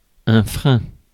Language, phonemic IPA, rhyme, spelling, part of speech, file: French, /fʁɛ̃/, -ɛ̃, frein, noun, Fr-frein.ogg
- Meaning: 1. bit (equipment put in a horse's mouth) 2. brake (of a vehicle, etc.) 3. restraint, reserve 4. frenulum